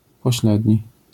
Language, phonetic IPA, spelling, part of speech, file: Polish, [pɔˈɕlɛdʲɲi], pośledni, adjective, LL-Q809 (pol)-pośledni.wav